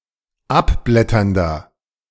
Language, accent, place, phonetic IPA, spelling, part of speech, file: German, Germany, Berlin, [ˈapˌblɛtɐndɐ], abblätternder, adjective, De-abblätternder.ogg
- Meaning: 1. comparative degree of abblätternd 2. inflection of abblätternd: strong/mixed nominative masculine singular 3. inflection of abblätternd: strong genitive/dative feminine singular